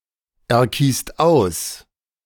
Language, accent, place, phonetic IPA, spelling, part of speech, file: German, Germany, Berlin, [ɛɐ̯ˌkiːst ˈaʊ̯s], erkiest aus, verb, De-erkiest aus.ogg
- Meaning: inflection of auserkiesen: 1. second-person plural present 2. plural imperative